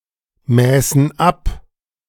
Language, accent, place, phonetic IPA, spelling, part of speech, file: German, Germany, Berlin, [ˌmɛːsn̩ ˈap], mäßen ab, verb, De-mäßen ab.ogg
- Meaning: first/third-person plural subjunctive II of abmessen